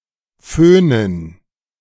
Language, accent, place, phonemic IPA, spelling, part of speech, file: German, Germany, Berlin, /ˈføːnən/, föhnen, verb, De-föhnen.ogg
- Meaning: to blow-dry